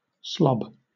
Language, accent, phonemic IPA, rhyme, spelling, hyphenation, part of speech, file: English, Southern England, /ˈslɒb/, -ɒb, slob, slob, noun / verb, LL-Q1860 (eng)-slob.wav
- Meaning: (noun) 1. A lazy and slovenly or obese person 2. A member of the Bloods; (verb) 1. To move slowly or cumbersomely 2. To act like a slob, in a lazy or slovenly way 3. To slop or spatter